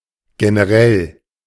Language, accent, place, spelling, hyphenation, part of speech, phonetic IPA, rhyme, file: German, Germany, Berlin, generell, ge‧ne‧rell, adjective / adverb, [ɡenəˈʁɛl], -ɛl, De-generell.ogg
- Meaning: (adjective) general; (adverb) generally